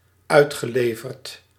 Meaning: past participle of uitleveren
- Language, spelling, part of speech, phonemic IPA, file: Dutch, uitgeleverd, verb, /ˈœy̯txəˌleːvərt/, Nl-uitgeleverd.ogg